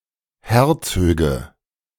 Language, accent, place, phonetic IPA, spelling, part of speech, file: German, Germany, Berlin, [ˈhɛɐ̯ˌt͡søːɡə], Herzöge, noun, De-Herzöge.ogg
- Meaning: nominative/accusative/genitive plural of Herzog